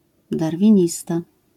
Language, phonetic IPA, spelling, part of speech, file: Polish, [ˌdarvʲĩˈɲista], darwinista, noun, LL-Q809 (pol)-darwinista.wav